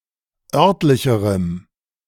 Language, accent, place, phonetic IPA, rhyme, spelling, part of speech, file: German, Germany, Berlin, [ˈœʁtlɪçəʁəm], -œʁtlɪçəʁəm, örtlicherem, adjective, De-örtlicherem.ogg
- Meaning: strong dative masculine/neuter singular comparative degree of örtlich